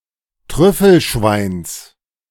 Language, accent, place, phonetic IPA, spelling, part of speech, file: German, Germany, Berlin, [ˈtʁʏfl̩ˌʃvaɪ̯ns], Trüffelschweins, noun, De-Trüffelschweins.ogg
- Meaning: genitive singular of Trüffelschwein